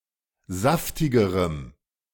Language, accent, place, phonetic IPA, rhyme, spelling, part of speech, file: German, Germany, Berlin, [ˈzaftɪɡəʁəm], -aftɪɡəʁəm, saftigerem, adjective, De-saftigerem.ogg
- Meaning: strong dative masculine/neuter singular comparative degree of saftig